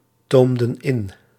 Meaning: inflection of intomen: 1. plural past indicative 2. plural past subjunctive
- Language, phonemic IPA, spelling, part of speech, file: Dutch, /ˈtomdə(n) ˈɪn/, toomden in, verb, Nl-toomden in.ogg